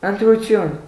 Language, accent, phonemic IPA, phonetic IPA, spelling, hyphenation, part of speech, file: Armenian, Eastern Armenian, /əntɾuˈtʰjun/, [əntɾut͡sʰjún], ընտրություն, ընտ‧րու‧թյուն, noun, Hy-ընտրություն.ogg
- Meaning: 1. choice 2. selection 3. election 4. elections